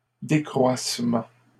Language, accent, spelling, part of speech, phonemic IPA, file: French, Canada, décroissement, noun, /de.kʁwas.mɑ̃/, LL-Q150 (fra)-décroissement.wav
- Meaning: waning (a gradual diminution)